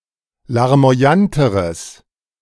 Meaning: strong/mixed nominative/accusative neuter singular comparative degree of larmoyant
- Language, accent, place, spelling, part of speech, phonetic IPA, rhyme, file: German, Germany, Berlin, larmoyanteres, adjective, [laʁmo̯aˈjantəʁəs], -antəʁəs, De-larmoyanteres.ogg